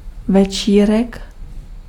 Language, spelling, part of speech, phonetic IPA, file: Czech, večírek, noun, [ˈvɛt͡ʃiːrɛk], Cs-večírek.ogg
- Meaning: party (social gathering for fun)